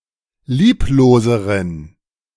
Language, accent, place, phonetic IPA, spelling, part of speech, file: German, Germany, Berlin, [ˈliːploːzəʁən], liebloseren, adjective, De-liebloseren.ogg
- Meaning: inflection of lieblos: 1. strong genitive masculine/neuter singular comparative degree 2. weak/mixed genitive/dative all-gender singular comparative degree